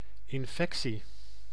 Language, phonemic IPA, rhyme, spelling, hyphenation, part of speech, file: Dutch, /ɪnˈfɛk.si/, -ɛksi, infectie, in‧fec‧tie, noun, Nl-infectie.ogg
- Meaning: infection